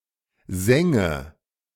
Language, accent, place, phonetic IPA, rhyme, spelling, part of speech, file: German, Germany, Berlin, [ˈzɛŋə], -ɛŋə, sänge, verb, De-sänge.ogg
- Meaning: first/third-person singular subjunctive II of singen